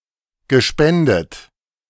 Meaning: past participle of spenden
- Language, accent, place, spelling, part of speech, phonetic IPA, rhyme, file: German, Germany, Berlin, gespendet, verb, [ɡəˈʃpɛndət], -ɛndət, De-gespendet.ogg